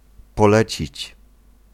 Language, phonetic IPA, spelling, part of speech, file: Polish, [pɔˈlɛt͡ɕit͡ɕ], polecić, verb, Pl-polecić.ogg